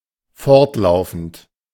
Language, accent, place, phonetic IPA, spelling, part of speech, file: German, Germany, Berlin, [ˈfɔʁtˌlaʊ̯fn̩t], fortlaufend, adjective / verb, De-fortlaufend.ogg
- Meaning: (verb) present participle of fortlaufen; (adjective) 1. ongoing 2. progressive 3. consecutive, successive